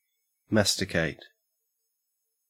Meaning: 1. To chew (usually food) 2. To grind or knead something into a pulp
- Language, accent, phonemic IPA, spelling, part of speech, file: English, Australia, /ˈmæstɪkeɪt/, masticate, verb, En-au-masticate.ogg